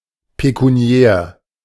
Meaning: pecuniary, monetary, financial (pertaining to money)
- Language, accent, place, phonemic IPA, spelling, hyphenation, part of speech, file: German, Germany, Berlin, /pekuˈni̯ɛːr/, pekuniär, pe‧ku‧ni‧är, adjective, De-pekuniär.ogg